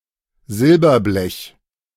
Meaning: sheet silver, rolled silver
- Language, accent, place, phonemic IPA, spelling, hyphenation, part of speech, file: German, Germany, Berlin, /ˈzɪlbɐˌblɛç/, Silberblech, Sil‧ber‧blech, noun, De-Silberblech.ogg